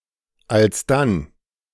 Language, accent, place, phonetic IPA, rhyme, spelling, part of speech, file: German, Germany, Berlin, [alsˈdan], -an, alsdann, adverb, De-alsdann.ogg
- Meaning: 1. thereupon, then 2. then, so